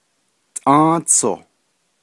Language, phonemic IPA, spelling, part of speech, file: Navajo, /tʼɑ̃́ːt͡sʰòh/, Tʼą́ą́tsoh, noun, Nv-Tʼą́ą́tsoh.ogg
- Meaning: May